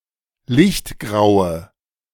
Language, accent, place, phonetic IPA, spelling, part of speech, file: German, Germany, Berlin, [ˈlɪçtˌɡʁaʊ̯ə], lichtgraue, adjective, De-lichtgraue.ogg
- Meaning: inflection of lichtgrau: 1. strong/mixed nominative/accusative feminine singular 2. strong nominative/accusative plural 3. weak nominative all-gender singular